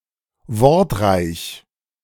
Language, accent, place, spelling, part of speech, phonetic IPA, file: German, Germany, Berlin, wortreich, adjective, [ˈvɔʁtˌʁaɪ̯ç], De-wortreich.ogg
- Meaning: wordy, verbose